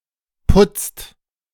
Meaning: inflection of putzen: 1. second/third-person singular present 2. second-person plural present 3. plural imperative
- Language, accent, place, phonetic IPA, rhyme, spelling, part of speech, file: German, Germany, Berlin, [pʊt͡st], -ʊt͡st, putzt, verb, De-putzt.ogg